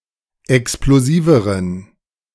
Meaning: inflection of explosiv: 1. strong genitive masculine/neuter singular comparative degree 2. weak/mixed genitive/dative all-gender singular comparative degree
- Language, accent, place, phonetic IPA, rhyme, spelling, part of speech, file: German, Germany, Berlin, [ɛksploˈziːvəʁən], -iːvəʁən, explosiveren, adjective, De-explosiveren.ogg